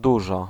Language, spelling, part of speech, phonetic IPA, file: Polish, dużo, numeral, [ˈduʒɔ], Pl-dużo.ogg